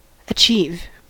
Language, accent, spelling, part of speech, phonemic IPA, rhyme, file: English, General American, achieve, verb, /əˈt͡ʃiv/, -iːv, En-us-achieve.ogg
- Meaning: To carry out or conclude (something, as a task) successfully; to accomplish